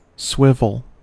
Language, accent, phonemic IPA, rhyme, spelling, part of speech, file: English, US, /ˈswɪvəl/, -ɪvəl, swivel, noun / verb, En-us-swivel.ogg
- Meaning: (noun) A piece, such as a ring or hook, attached to another piece by a pin, in such a manner as to permit rotation about the pin as an axis